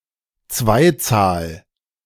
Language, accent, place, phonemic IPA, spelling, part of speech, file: German, Germany, Berlin, /ˈt͡svaɪ̯ˌt͡saːl/, Zweizahl, noun, De-Zweizahl.ogg
- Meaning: dual, dual number